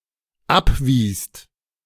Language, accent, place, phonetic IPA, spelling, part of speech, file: German, Germany, Berlin, [ˈapˌviːst], abwiest, verb, De-abwiest.ogg
- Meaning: second-person singular/plural dependent preterite of abweisen